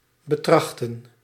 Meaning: 1. to exercise or consider carefully 2. to pursue
- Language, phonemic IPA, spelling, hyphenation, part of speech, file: Dutch, /bəˈtrɑxtə(n)/, betrachten, be‧trach‧ten, verb, Nl-betrachten.ogg